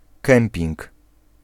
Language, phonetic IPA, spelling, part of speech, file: Polish, [ˈkɛ̃mpʲĩŋk], kemping, noun, Pl-kemping.ogg